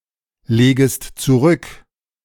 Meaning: second-person singular subjunctive I of zurücklegen
- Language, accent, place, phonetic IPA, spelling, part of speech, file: German, Germany, Berlin, [ˌleːɡəst t͡suˈʁʏk], legest zurück, verb, De-legest zurück.ogg